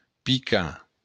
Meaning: 1. to hit; to strike 2. to sting
- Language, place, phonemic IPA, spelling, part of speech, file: Occitan, Béarn, /piˈka/, picar, verb, LL-Q14185 (oci)-picar.wav